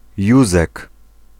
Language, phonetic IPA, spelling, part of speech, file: Polish, [ˈjuzɛk], Józek, proper noun, Pl-Józek.ogg